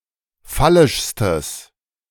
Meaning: strong/mixed nominative/accusative neuter singular superlative degree of phallisch
- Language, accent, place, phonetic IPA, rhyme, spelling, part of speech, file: German, Germany, Berlin, [ˈfalɪʃstəs], -alɪʃstəs, phallischstes, adjective, De-phallischstes.ogg